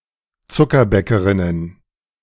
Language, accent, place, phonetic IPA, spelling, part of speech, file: German, Germany, Berlin, [ˈt͡sʊkɐˌbɛkəʁɪnən], Zuckerbäckerinnen, noun, De-Zuckerbäckerinnen.ogg
- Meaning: plural of Zuckerbäckerin